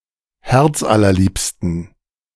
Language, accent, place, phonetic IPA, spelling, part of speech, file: German, Germany, Berlin, [ˈhɛʁt͡sʔalɐˌliːpstn̩], herzallerliebsten, adjective, De-herzallerliebsten.ogg
- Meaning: inflection of herzallerliebst: 1. strong genitive masculine/neuter singular 2. weak/mixed genitive/dative all-gender singular 3. strong/weak/mixed accusative masculine singular 4. strong dative plural